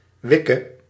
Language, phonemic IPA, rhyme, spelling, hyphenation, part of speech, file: Dutch, /ˈʋɪ.kə/, -ɪkə, wikke, wik‧ke, noun, Nl-wikke.ogg
- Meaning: vetch, leguminous plant of the genus Vicia